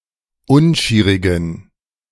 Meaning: inflection of unschierig: 1. strong genitive masculine/neuter singular 2. weak/mixed genitive/dative all-gender singular 3. strong/weak/mixed accusative masculine singular 4. strong dative plural
- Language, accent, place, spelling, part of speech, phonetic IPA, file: German, Germany, Berlin, unschierigen, adjective, [ˈʊnˌʃiːʁɪɡn̩], De-unschierigen.ogg